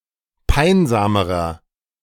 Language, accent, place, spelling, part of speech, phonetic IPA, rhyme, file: German, Germany, Berlin, peinsamerer, adjective, [ˈpaɪ̯nzaːməʁɐ], -aɪ̯nzaːməʁɐ, De-peinsamerer.ogg
- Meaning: inflection of peinsam: 1. strong/mixed nominative masculine singular comparative degree 2. strong genitive/dative feminine singular comparative degree 3. strong genitive plural comparative degree